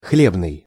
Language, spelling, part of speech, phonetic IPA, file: Russian, хлебный, adjective, [ˈxlʲebnɨj], Ru-хлебный.ogg
- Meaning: 1. grain (US), corn (UK), cereal 2. bread 3. baker's 4. rich, prosperous (area) 5. lucrative